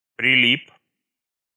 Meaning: short masculine singular past indicative perfective of прили́пнуть (prilípnutʹ)
- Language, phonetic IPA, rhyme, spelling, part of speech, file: Russian, [prʲɪˈlʲip], -ip, прилип, verb, Ru-прилип.ogg